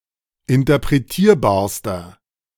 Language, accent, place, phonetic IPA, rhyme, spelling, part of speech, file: German, Germany, Berlin, [ɪntɐpʁeˈtiːɐ̯baːɐ̯stɐ], -iːɐ̯baːɐ̯stɐ, interpretierbarster, adjective, De-interpretierbarster.ogg
- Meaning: inflection of interpretierbar: 1. strong/mixed nominative masculine singular superlative degree 2. strong genitive/dative feminine singular superlative degree